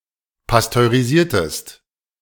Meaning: inflection of pasteurisieren: 1. second-person singular preterite 2. second-person singular subjunctive II
- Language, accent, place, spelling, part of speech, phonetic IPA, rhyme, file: German, Germany, Berlin, pasteurisiertest, verb, [pastøʁiˈziːɐ̯təst], -iːɐ̯təst, De-pasteurisiertest.ogg